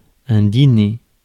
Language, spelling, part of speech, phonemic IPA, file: French, dîner, verb / noun, /di.ne/, Fr-dîner.ogg
- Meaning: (verb) to dine; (noun) 1. dinner, evening meal 2. lunch, midday meal